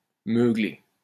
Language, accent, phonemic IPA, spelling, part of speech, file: French, France, /mø.ɡle/, meugler, verb, LL-Q150 (fra)-meugler.wav
- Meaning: to moo, to low